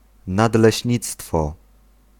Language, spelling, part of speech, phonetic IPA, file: Polish, nadleśnictwo, noun, [ˌnadlɛɕˈɲit͡stfɔ], Pl-nadleśnictwo.ogg